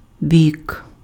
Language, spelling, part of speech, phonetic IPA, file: Ukrainian, бік, noun, [bʲik], Uk-бік.ogg
- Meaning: side, flank